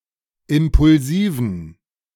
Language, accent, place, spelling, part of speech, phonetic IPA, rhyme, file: German, Germany, Berlin, impulsiven, adjective, [ˌɪmpʊlˈziːvn̩], -iːvn̩, De-impulsiven.ogg
- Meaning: inflection of impulsiv: 1. strong genitive masculine/neuter singular 2. weak/mixed genitive/dative all-gender singular 3. strong/weak/mixed accusative masculine singular 4. strong dative plural